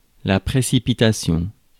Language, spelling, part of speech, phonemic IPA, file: French, précipitation, noun, /pʁe.si.pi.ta.sjɔ̃/, Fr-précipitation.ogg
- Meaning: precipitation, unwise or rash rapidity; sudden haste